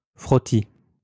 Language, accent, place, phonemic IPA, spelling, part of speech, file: French, France, Lyon, /fʁɔ.ti/, frottis, noun, LL-Q150 (fra)-frottis.wav
- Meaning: smear, smear test